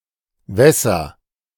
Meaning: inflection of wässern: 1. first-person singular present 2. singular imperative
- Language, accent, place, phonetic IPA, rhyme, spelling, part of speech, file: German, Germany, Berlin, [ˈvɛsɐ], -ɛsɐ, wässer, verb, De-wässer.ogg